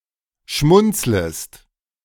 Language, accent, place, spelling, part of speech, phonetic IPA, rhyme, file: German, Germany, Berlin, schmunzlest, verb, [ˈʃmʊnt͡sləst], -ʊnt͡sləst, De-schmunzlest.ogg
- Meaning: second-person singular subjunctive I of schmunzeln